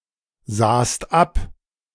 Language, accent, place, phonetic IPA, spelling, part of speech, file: German, Germany, Berlin, [ˌzaːst ˈap], sahst ab, verb, De-sahst ab.ogg
- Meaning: second-person singular preterite of absehen